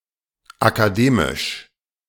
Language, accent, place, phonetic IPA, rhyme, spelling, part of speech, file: German, Germany, Berlin, [akaˈdeːmɪʃ], -eːmɪʃ, akademisch, adjective, De-akademisch.ogg
- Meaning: academic